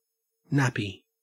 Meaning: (noun) An absorbent garment worn by a baby or toddler who does not yet have voluntary control of their bladder and bowels or by someone who is incontinent; a diaper; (verb) To put a nappy on
- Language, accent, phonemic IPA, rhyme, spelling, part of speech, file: English, Australia, /ˈnæpi/, -æpi, nappy, noun / verb / adjective, En-au-nappy.ogg